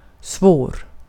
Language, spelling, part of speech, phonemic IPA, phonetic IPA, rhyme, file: Swedish, svår, adjective, /¹svoːr/, [¹s̪v̥oːr], -oːr, Sv-svår.ogg
- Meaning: difficult, hard (requiring significant effort (or luck or the like) to successfully deal with)